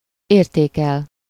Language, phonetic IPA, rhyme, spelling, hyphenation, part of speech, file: Hungarian, [ˈeːrteːkɛl], -ɛl, értékel, ér‧té‧kel, verb, Hu-értékel.ogg
- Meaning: 1. to value, esteem, appreciate (regard highly) 2. to value, rate, appraise, assess, evaluate, estimate (with -ra/-re)